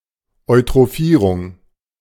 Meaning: eutrophication
- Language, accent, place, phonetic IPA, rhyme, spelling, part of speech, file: German, Germany, Berlin, [ɔɪ̯tʁoˈfiːʁʊŋ], -iːʁʊŋ, Eutrophierung, noun, De-Eutrophierung.ogg